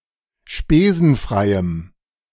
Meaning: strong dative masculine/neuter singular of spesenfrei
- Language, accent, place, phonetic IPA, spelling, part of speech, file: German, Germany, Berlin, [ˈʃpeːzn̩ˌfʁaɪ̯əm], spesenfreiem, adjective, De-spesenfreiem.ogg